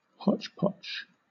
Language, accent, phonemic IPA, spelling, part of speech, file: English, Southern England, /ˈhɒt͡ʃpɒt͡ʃ/, hotchpotch, noun, LL-Q1860 (eng)-hotchpotch.wav
- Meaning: 1. The blending together of property so as to achieve equal division, especially in the case of divorce or intestacy 2. A kind of mutton broth with green peas instead of barley or rice